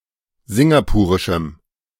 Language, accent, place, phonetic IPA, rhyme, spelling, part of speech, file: German, Germany, Berlin, [ˈzɪŋɡapuːʁɪʃm̩], -uːʁɪʃm̩, singapurischem, adjective, De-singapurischem.ogg
- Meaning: strong dative masculine/neuter singular of singapurisch